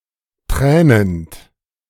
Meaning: present participle of tränen
- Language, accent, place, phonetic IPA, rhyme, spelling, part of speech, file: German, Germany, Berlin, [ˈtʁɛːnənt], -ɛːnənt, tränend, verb, De-tränend.ogg